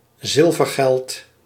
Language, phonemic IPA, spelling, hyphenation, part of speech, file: Dutch, /ˈzɪl.vərˌɣɛlt/, zilvergeld, zil‧ver‧geld, noun, Nl-zilvergeld.ogg
- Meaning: silver coins